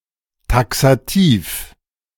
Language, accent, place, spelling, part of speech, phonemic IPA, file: German, Germany, Berlin, taxativ, adjective, /ˌtaksaˈtiːf/, De-taxativ.ogg
- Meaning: taxative, exhaustive, comprehensive